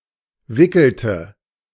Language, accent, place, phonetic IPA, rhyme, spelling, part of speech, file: German, Germany, Berlin, [ˈvɪkl̩tə], -ɪkl̩tə, wickelte, verb, De-wickelte.ogg
- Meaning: inflection of wickeln: 1. first/third-person singular preterite 2. first/third-person singular subjunctive II